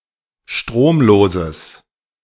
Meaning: strong/mixed nominative/accusative neuter singular of stromlos
- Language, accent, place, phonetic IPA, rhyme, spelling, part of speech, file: German, Germany, Berlin, [ˈʃtʁoːmˌloːzəs], -oːmloːzəs, stromloses, adjective, De-stromloses.ogg